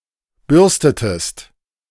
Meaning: inflection of bürsten: 1. second-person singular preterite 2. second-person singular subjunctive II
- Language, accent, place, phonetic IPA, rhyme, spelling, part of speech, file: German, Germany, Berlin, [ˈbʏʁstətəst], -ʏʁstətəst, bürstetest, verb, De-bürstetest.ogg